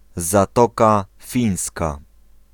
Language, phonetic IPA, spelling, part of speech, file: Polish, [zaˈtɔka ˈfʲĩj̃ska], Zatoka Fińska, proper noun, Pl-Zatoka Fińska.ogg